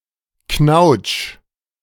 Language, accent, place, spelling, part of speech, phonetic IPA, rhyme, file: German, Germany, Berlin, knautsch, verb, [knaʊ̯t͡ʃ], -aʊ̯t͡ʃ, De-knautsch.ogg
- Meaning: 1. singular imperative of knautschen 2. first-person singular present of knautschen